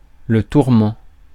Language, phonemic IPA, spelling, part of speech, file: French, /tuʁ.mɑ̃/, tourment, noun, Fr-tourment.ogg
- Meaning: 1. torture 2. torment; discomfort; pain